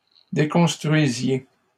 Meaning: inflection of déconstruire: 1. second-person plural imperfect indicative 2. second-person plural present subjunctive
- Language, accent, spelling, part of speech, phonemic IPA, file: French, Canada, déconstruisiez, verb, /de.kɔ̃s.tʁɥi.zje/, LL-Q150 (fra)-déconstruisiez.wav